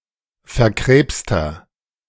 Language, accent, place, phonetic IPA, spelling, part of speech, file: German, Germany, Berlin, [fɛɐ̯ˈkʁeːpstɐ], verkrebster, adjective, De-verkrebster.ogg
- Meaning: 1. comparative degree of verkrebst 2. inflection of verkrebst: strong/mixed nominative masculine singular 3. inflection of verkrebst: strong genitive/dative feminine singular